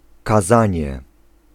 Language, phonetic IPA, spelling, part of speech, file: Polish, [kaˈzãɲɛ], kazanie, noun, Pl-kazanie.ogg